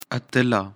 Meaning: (noun) female hero, heroine, champion, victor; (adjective) brave, bold, heroic
- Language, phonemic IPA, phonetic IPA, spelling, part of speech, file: Pashto, /a.tə.la/, [ä.t̪ə́.lä], اتله, noun / adjective, اتله.ogg